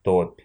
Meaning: swamp, bog, marsh
- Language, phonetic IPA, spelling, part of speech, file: Russian, [topʲ], топь, noun, Ru-топь.ogg